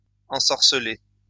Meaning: past participle of ensorceler
- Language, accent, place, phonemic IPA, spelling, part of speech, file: French, France, Lyon, /ɑ̃.sɔʁ.sə.le/, ensorcelé, verb, LL-Q150 (fra)-ensorcelé.wav